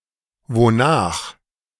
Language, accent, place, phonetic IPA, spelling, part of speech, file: German, Germany, Berlin, [voːnaːx], wonach, adverb, De-wonach.ogg
- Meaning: 1. after what 2. whereupon